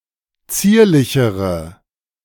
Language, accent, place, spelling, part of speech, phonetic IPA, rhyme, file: German, Germany, Berlin, zierlichere, adjective, [ˈt͡siːɐ̯lɪçəʁə], -iːɐ̯lɪçəʁə, De-zierlichere.ogg
- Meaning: inflection of zierlich: 1. strong/mixed nominative/accusative feminine singular comparative degree 2. strong nominative/accusative plural comparative degree